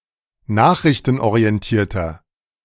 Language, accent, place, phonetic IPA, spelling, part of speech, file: German, Germany, Berlin, [ˈnaːxʁɪçtn̩ʔoʁiɛnˌtiːɐ̯tɐ], nachrichtenorientierter, adjective, De-nachrichtenorientierter.ogg
- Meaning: inflection of nachrichtenorientiert: 1. strong/mixed nominative masculine singular 2. strong genitive/dative feminine singular 3. strong genitive plural